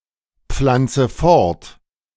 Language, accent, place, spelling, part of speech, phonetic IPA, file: German, Germany, Berlin, pflanze fort, verb, [ˌp͡flant͡sə ˈfɔʁt], De-pflanze fort.ogg
- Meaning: inflection of fortpflanzen: 1. first-person singular present 2. first/third-person singular subjunctive I 3. singular imperative